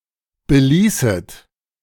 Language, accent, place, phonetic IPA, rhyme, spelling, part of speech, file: German, Germany, Berlin, [bəˈliːsət], -iːsət, beließet, verb, De-beließet.ogg
- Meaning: second-person plural subjunctive II of belassen